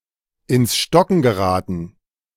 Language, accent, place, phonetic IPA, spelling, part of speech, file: German, Germany, Berlin, [ɪns ˈʃtɔkŋ̍ ɡəˈʁaːtn̩], ins Stocken geraten, verb, De-ins Stocken geraten.ogg
- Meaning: to grind to a halt